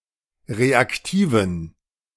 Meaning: inflection of reaktiv: 1. strong genitive masculine/neuter singular 2. weak/mixed genitive/dative all-gender singular 3. strong/weak/mixed accusative masculine singular 4. strong dative plural
- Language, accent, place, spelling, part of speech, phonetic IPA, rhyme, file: German, Germany, Berlin, reaktiven, adjective, [ˌʁeakˈtiːvn̩], -iːvn̩, De-reaktiven.ogg